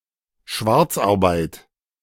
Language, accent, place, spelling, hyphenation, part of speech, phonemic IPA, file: German, Germany, Berlin, Schwarzarbeit, Schwarz‧ar‧beit, noun, /ˈʃvaʁt͡sʔaʁˌbaɪ̯t/, De-Schwarzarbeit.ogg
- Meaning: moonlighting; work that is paid for, but not reported to a tax agency and thus not taxed